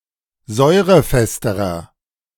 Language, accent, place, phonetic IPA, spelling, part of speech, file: German, Germany, Berlin, [ˈzɔɪ̯ʁəˌfɛstəʁɐ], säurefesterer, adjective, De-säurefesterer.ogg
- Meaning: inflection of säurefest: 1. strong/mixed nominative masculine singular comparative degree 2. strong genitive/dative feminine singular comparative degree 3. strong genitive plural comparative degree